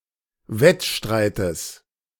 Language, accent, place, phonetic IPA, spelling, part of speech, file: German, Germany, Berlin, [ˈvɛtˌʃtʁaɪ̯təs], Wettstreites, noun, De-Wettstreites.ogg
- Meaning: genitive of Wettstreit